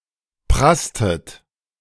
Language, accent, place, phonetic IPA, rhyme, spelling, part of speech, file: German, Germany, Berlin, [ˈpʁastət], -astət, prasstet, verb, De-prasstet.ogg
- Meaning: inflection of prassen: 1. second-person plural preterite 2. second-person plural subjunctive II